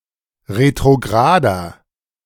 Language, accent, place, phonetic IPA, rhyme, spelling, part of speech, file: German, Germany, Berlin, [ʁetʁoˈɡʁaːdɐ], -aːdɐ, retrograder, adjective, De-retrograder.ogg
- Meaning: inflection of retrograd: 1. strong/mixed nominative masculine singular 2. strong genitive/dative feminine singular 3. strong genitive plural